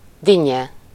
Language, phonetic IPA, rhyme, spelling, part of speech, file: Hungarian, [ˈdiɲːɛ], -ɲɛ, dinnye, noun, Hu-dinnye.ogg
- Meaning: 1. melon 2. cantaloupe